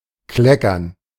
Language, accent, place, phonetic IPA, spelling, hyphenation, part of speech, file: German, Germany, Berlin, [ˈklɛkɐn], kleckern, kle‧ckern, verb, De-kleckern.ogg
- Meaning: 1. to dribble, to spill (fall onto a surface in irregular drops) 2. to dribble, to spill (fall onto a surface in irregular drops): to trickle (move or appear slowly and in small volumes)